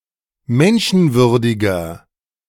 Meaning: inflection of menschenwürdig: 1. strong/mixed nominative masculine singular 2. strong genitive/dative feminine singular 3. strong genitive plural
- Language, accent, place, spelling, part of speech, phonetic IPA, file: German, Germany, Berlin, menschenwürdiger, adjective, [ˈmɛnʃn̩ˌvʏʁdɪɡɐ], De-menschenwürdiger.ogg